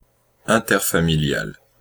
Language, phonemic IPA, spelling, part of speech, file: French, /ɛ̃.tɛʁ.fa.mi.ljal/, interfamilial, adjective, Fr-interfamilial.ogg
- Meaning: interfamilial